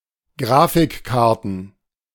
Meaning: plural of Grafikkarte
- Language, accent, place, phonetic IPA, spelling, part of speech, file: German, Germany, Berlin, [ˈɡʁaːfɪkˌkaʁtn̩], Grafikkarten, noun, De-Grafikkarten.ogg